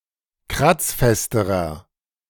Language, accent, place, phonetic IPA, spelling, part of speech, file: German, Germany, Berlin, [ˈkʁat͡sˌfɛstəʁɐ], kratzfesterer, adjective, De-kratzfesterer.ogg
- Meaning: inflection of kratzfest: 1. strong/mixed nominative masculine singular comparative degree 2. strong genitive/dative feminine singular comparative degree 3. strong genitive plural comparative degree